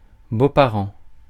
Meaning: in-laws, parents-in-law
- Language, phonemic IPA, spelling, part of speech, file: French, /bo.pa.ʁɑ̃/, beaux-parents, noun, Fr-beaux-parents.ogg